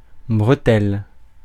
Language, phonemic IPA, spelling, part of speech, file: French, /bʁə.tɛl/, bretelle, noun, Fr-bretelle.ogg
- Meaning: 1. strap 2. sling 3. braces (UK), suspenders (US) 4. slip road; access road; ramp